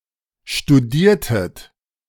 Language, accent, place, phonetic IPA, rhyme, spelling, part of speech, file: German, Germany, Berlin, [ʃtuˈdiːɐ̯tət], -iːɐ̯tət, studiertet, verb, De-studiertet.ogg
- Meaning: inflection of studieren: 1. second-person plural preterite 2. second-person plural subjunctive II